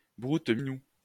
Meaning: cunnilingus, carpet munching, muff diving, pussy eating
- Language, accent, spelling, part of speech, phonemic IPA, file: French, France, broute-minou, noun, /bʁut.mi.nu/, LL-Q150 (fra)-broute-minou.wav